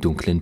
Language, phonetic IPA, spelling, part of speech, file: German, [ˈdʊŋklən], dunklen, adjective, De-dunklen.ogg
- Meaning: inflection of dunkel: 1. strong genitive masculine/neuter singular 2. weak/mixed genitive/dative all-gender singular 3. strong/weak/mixed accusative masculine singular 4. strong dative plural